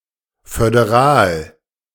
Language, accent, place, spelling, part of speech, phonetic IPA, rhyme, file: German, Germany, Berlin, föderal, adjective, [fødeˈʁaːl], -aːl, De-föderal.ogg
- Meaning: federal